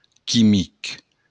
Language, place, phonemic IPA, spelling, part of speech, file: Occitan, Béarn, /kiˈmik/, quimic, adjective, LL-Q14185 (oci)-quimic.wav
- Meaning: chemical